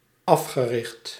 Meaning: past participle of africhten
- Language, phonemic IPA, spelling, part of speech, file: Dutch, /ˈɑfxəˌrɪxt/, afgericht, adjective / verb, Nl-afgericht.ogg